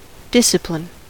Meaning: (noun) 1. A controlled behaviour; self-control 2. A controlled behaviour; self-control.: An enforced compliance or control
- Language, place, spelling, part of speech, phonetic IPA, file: English, California, discipline, noun / verb, [ˈd̥ɪsɪ̽plɪ̈n], En-us-discipline.ogg